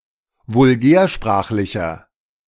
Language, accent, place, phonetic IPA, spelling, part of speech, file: German, Germany, Berlin, [vʊlˈɡɛːɐ̯ˌʃpʁaːxlɪçɐ], vulgärsprachlicher, adjective, De-vulgärsprachlicher.ogg
- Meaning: inflection of vulgärsprachlich: 1. strong/mixed nominative masculine singular 2. strong genitive/dative feminine singular 3. strong genitive plural